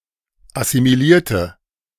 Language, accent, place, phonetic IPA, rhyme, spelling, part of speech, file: German, Germany, Berlin, [asimiˈliːɐ̯tə], -iːɐ̯tə, assimilierte, adjective / verb, De-assimilierte.ogg
- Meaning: inflection of assimiliert: 1. strong/mixed nominative/accusative feminine singular 2. strong nominative/accusative plural 3. weak nominative all-gender singular